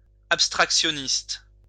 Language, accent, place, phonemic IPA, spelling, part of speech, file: French, France, Lyon, /ap.stʁak.sjɔ.nist/, abstractionniste, adjective, LL-Q150 (fra)-abstractionniste.wav
- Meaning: abstractionist (related to abstract art)